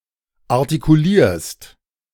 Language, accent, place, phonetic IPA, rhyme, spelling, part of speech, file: German, Germany, Berlin, [aʁtikuˈliːɐ̯st], -iːɐ̯st, artikulierst, verb, De-artikulierst.ogg
- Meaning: second-person singular present of artikulieren